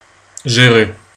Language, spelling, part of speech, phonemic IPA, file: French, gérer, verb, /ʒe.ʁe/, Fr-gérer.ogg
- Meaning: 1. to manage 2. to rule, to rock (to excel)